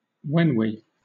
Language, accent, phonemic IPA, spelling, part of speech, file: English, Southern England, /ˈwɛn.wiː/, whenwe, noun, LL-Q1860 (eng)-whenwe.wav
- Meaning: A former British settler or expatriate who talks nostalgically about his or her former home in colonial Africa